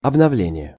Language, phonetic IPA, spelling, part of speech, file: Russian, [ɐbnɐˈvlʲenʲɪje], обновление, noun, Ru-обновление.ogg
- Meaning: 1. renewal 2. renovation 3. update 4. aggiornamento (reform of some teachings of Roman Catholic Church in 1962–65)